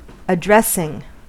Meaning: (verb) present participle and gerund of address; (noun) A process of putting a person's name and address on an item of mail
- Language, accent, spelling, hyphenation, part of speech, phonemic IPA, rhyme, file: English, US, addressing, ad‧dress‧ing, verb / noun, /əˈdɹɛsɪŋ/, -ɛsɪŋ, En-us-addressing.ogg